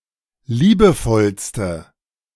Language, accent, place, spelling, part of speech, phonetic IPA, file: German, Germany, Berlin, liebevollste, adjective, [ˈliːbəˌfɔlstə], De-liebevollste.ogg
- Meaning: inflection of liebevoll: 1. strong/mixed nominative/accusative feminine singular superlative degree 2. strong nominative/accusative plural superlative degree